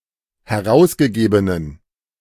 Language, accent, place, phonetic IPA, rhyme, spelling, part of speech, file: German, Germany, Berlin, [hɛˈʁaʊ̯sɡəˌɡeːbənən], -aʊ̯sɡəɡeːbənən, herausgegebenen, adjective, De-herausgegebenen.ogg
- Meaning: inflection of herausgegeben: 1. strong genitive masculine/neuter singular 2. weak/mixed genitive/dative all-gender singular 3. strong/weak/mixed accusative masculine singular 4. strong dative plural